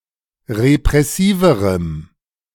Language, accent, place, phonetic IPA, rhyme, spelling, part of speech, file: German, Germany, Berlin, [ʁepʁɛˈsiːvəʁəm], -iːvəʁəm, repressiverem, adjective, De-repressiverem.ogg
- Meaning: strong dative masculine/neuter singular comparative degree of repressiv